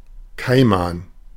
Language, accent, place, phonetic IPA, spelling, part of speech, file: German, Germany, Berlin, [ˈkaɪ̯man], Kaiman, noun, De-Kaiman.ogg
- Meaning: caiman